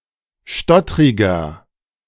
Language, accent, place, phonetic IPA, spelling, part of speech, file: German, Germany, Berlin, [ˈʃtɔtʁɪɡɐ], stottriger, adjective, De-stottriger.ogg
- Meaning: 1. comparative degree of stottrig 2. inflection of stottrig: strong/mixed nominative masculine singular 3. inflection of stottrig: strong genitive/dative feminine singular